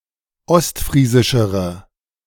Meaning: inflection of ostfriesisch: 1. strong/mixed nominative/accusative feminine singular comparative degree 2. strong nominative/accusative plural comparative degree
- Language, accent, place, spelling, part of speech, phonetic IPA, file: German, Germany, Berlin, ostfriesischere, adjective, [ˈɔstˌfʁiːzɪʃəʁə], De-ostfriesischere.ogg